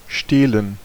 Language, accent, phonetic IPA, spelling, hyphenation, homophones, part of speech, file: German, Germany, [ʃteːln̩], stehlen, steh‧len, Stelen, verb, De-stehlen.ogg
- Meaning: 1. to steal 2. to skulk, to move secretly